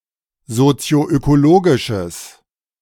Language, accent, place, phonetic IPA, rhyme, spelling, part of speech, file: German, Germany, Berlin, [zot͡si̯oʔøkoˈloːɡɪʃəs], -oːɡɪʃəs, sozioökologisches, adjective, De-sozioökologisches.ogg
- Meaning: strong/mixed nominative/accusative neuter singular of sozioökologisch